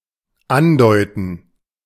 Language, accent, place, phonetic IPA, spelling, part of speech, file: German, Germany, Berlin, [ˈanˌdɔɪ̯tn̩], andeuten, verb, De-andeuten.ogg
- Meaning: 1. to suggest or imply 2. to hint 3. to insinuate